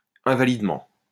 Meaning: invalidly
- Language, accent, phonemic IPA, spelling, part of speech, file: French, France, /ɛ̃.va.lid.mɑ̃/, invalidement, adverb, LL-Q150 (fra)-invalidement.wav